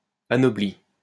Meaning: past participle of anoblir
- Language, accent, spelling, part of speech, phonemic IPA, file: French, France, anobli, verb, /a.nɔ.bli/, LL-Q150 (fra)-anobli.wav